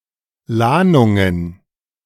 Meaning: plural of Lahnung
- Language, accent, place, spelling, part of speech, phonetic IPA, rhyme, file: German, Germany, Berlin, Lahnungen, noun, [ˈlaːnʊŋən], -aːnʊŋən, De-Lahnungen.ogg